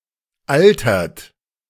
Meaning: inflection of altern: 1. third-person singular present 2. second-person plural present 3. plural imperative
- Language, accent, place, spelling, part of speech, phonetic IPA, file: German, Germany, Berlin, altert, verb, [ˈaltɐt], De-altert.ogg